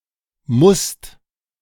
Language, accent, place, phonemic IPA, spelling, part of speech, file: German, Germany, Berlin, /mʊst/, musst, verb, De-musst.ogg
- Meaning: second-person singular present of müssen